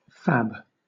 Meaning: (adjective) Fabulous (great or spectacular); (noun) A manufacturing plant which fabricates items, particularly silicon chips; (verb) To fabricate, especially in the context of fabbers
- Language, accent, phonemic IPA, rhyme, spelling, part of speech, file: English, Southern England, /fæb/, -æb, fab, adjective / noun / verb, LL-Q1860 (eng)-fab.wav